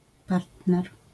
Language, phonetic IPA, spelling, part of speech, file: Polish, [ˈpartnɛr], partner, noun, LL-Q809 (pol)-partner.wav